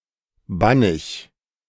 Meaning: very, extraordinarily
- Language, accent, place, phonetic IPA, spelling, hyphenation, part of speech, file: German, Germany, Berlin, [ˈbanɪç], bannig, ban‧nig, adjective, De-bannig.ogg